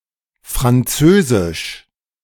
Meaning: 1. French 2. oral sex
- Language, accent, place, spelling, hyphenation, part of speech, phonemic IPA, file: German, Germany, Berlin, französisch, fran‧zö‧sisch, adjective, /fʁanˈt͡søːzɪʃ/, De-französisch.ogg